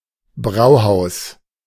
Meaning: brewery, brewhouse
- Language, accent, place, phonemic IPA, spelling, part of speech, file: German, Germany, Berlin, /ˈbʁauhaus/, Brauhaus, noun, De-Brauhaus.ogg